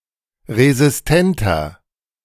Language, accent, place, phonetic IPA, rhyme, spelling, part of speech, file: German, Germany, Berlin, [ʁezɪsˈtɛntɐ], -ɛntɐ, resistenter, adjective, De-resistenter.ogg
- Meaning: 1. comparative degree of resistent 2. inflection of resistent: strong/mixed nominative masculine singular 3. inflection of resistent: strong genitive/dative feminine singular